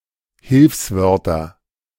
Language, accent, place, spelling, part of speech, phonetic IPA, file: German, Germany, Berlin, Hilfswörter, noun, [ˈhɪlfsˌvœʁtɐ], De-Hilfswörter.ogg
- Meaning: nominative/accusative/genitive plural of Hilfswort